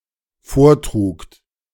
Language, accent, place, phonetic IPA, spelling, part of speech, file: German, Germany, Berlin, [ˈfoːɐ̯ˌtʁuːkt], vortrugt, verb, De-vortrugt.ogg
- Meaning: second-person plural dependent preterite of vortragen